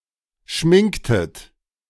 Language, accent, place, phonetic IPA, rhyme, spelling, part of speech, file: German, Germany, Berlin, [ˈʃmɪŋktət], -ɪŋktət, schminktet, verb, De-schminktet.ogg
- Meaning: inflection of schminken: 1. second-person plural preterite 2. second-person plural subjunctive II